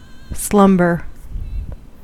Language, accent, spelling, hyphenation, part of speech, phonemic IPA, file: English, US, slumber, slum‧ber, noun / verb, /ˈslʌm.bɚ/, En-us-slumber.ogg
- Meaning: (noun) 1. A very light state of sleep, almost awake 2. A very light state of sleep, almost awake.: A very heavy state of sleep 3. A state of ignorance or inaction